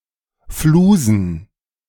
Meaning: plural of Fluse
- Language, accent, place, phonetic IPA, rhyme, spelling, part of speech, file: German, Germany, Berlin, [ˈfluːzn̩], -uːzn̩, Flusen, noun, De-Flusen.ogg